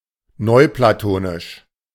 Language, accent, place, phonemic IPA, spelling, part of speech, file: German, Germany, Berlin, /ˈnɔɪ̯plaˌtoːnɪʃ/, neuplatonisch, adjective, De-neuplatonisch.ogg
- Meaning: Neoplatonic